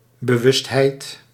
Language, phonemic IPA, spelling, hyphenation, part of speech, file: Dutch, /bəˈʋʏstˌɦɛi̯t/, bewustheid, be‧wust‧heid, noun, Nl-bewustheid.ogg
- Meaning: consciousness